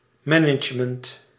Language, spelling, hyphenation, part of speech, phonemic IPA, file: Dutch, management, ma‧nage‧ment, noun, /ˈmɛ.nətʃ.mənt/, Nl-management.ogg